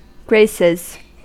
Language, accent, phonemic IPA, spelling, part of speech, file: English, US, /ˈɡɹeɪsɪz/, graces, noun / verb, En-us-graces.ogg
- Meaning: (noun) plural of grace; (verb) third-person singular simple present indicative of grace